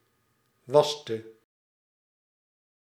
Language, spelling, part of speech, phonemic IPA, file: Dutch, waste, verb, /ˈʋɑs.tə/, Nl-waste.ogg
- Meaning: inflection of wassen: 1. singular past indicative 2. singular past subjunctive